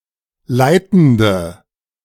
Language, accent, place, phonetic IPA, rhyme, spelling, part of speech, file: German, Germany, Berlin, [ˈlaɪ̯tn̩də], -aɪ̯tn̩də, leitende, adjective, De-leitende.ogg
- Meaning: inflection of leitend: 1. strong/mixed nominative/accusative feminine singular 2. strong nominative/accusative plural 3. weak nominative all-gender singular 4. weak accusative feminine/neuter singular